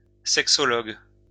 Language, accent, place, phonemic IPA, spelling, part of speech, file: French, France, Lyon, /sɛk.sɔ.lɔɡ/, sexologue, noun, LL-Q150 (fra)-sexologue.wav
- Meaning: sexologist